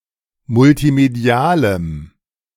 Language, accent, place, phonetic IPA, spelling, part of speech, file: German, Germany, Berlin, [mʊltiˈmedi̯aːləm], multimedialem, adjective, De-multimedialem.ogg
- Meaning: strong dative masculine/neuter singular of multimedial